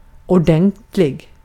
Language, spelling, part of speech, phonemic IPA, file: Swedish, ordentlig, adjective, /ʊˈɖɛntlɪ(ɡ)/, Sv-ordentlig.ogg
- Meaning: orderly, thorough, real, just